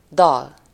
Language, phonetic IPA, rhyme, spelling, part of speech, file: Hungarian, [ˈdɒl], -ɒl, dal, noun, Hu-dal.ogg
- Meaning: song